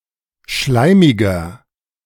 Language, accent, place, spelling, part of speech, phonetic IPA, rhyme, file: German, Germany, Berlin, schleimiger, adjective, [ˈʃlaɪ̯mɪɡɐ], -aɪ̯mɪɡɐ, De-schleimiger.ogg
- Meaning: 1. comparative degree of schleimig 2. inflection of schleimig: strong/mixed nominative masculine singular 3. inflection of schleimig: strong genitive/dative feminine singular